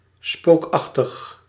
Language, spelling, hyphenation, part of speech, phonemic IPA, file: Dutch, spookachtig, spook‧ach‧tig, adjective, /ˈspoːkˌɑx.təx/, Nl-spookachtig.ogg
- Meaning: eerie, spooky, ghastly